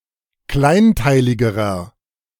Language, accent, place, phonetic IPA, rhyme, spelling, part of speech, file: German, Germany, Berlin, [ˈklaɪ̯nˌtaɪ̯lɪɡəʁɐ], -aɪ̯ntaɪ̯lɪɡəʁɐ, kleinteiligerer, adjective, De-kleinteiligerer.ogg
- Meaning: inflection of kleinteilig: 1. strong/mixed nominative masculine singular comparative degree 2. strong genitive/dative feminine singular comparative degree 3. strong genitive plural comparative degree